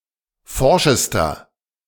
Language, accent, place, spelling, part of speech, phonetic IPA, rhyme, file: German, Germany, Berlin, forschester, adjective, [ˈfɔʁʃəstɐ], -ɔʁʃəstɐ, De-forschester.ogg
- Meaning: inflection of forsch: 1. strong/mixed nominative masculine singular superlative degree 2. strong genitive/dative feminine singular superlative degree 3. strong genitive plural superlative degree